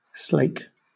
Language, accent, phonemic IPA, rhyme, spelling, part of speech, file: English, Southern England, /sleɪk/, -eɪk, slake, verb / noun, LL-Q1860 (eng)-slake.wav
- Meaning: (verb) 1. To satisfy (thirst, or other desires) 2. To cool (something) with water or another liquid 3. To become mixed with water, so that a true chemical combination takes place